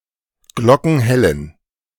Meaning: inflection of glockenhell: 1. strong genitive masculine/neuter singular 2. weak/mixed genitive/dative all-gender singular 3. strong/weak/mixed accusative masculine singular 4. strong dative plural
- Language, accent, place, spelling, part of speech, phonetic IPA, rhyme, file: German, Germany, Berlin, glockenhellen, adjective, [ˈɡlɔkn̩ˈhɛlən], -ɛlən, De-glockenhellen.ogg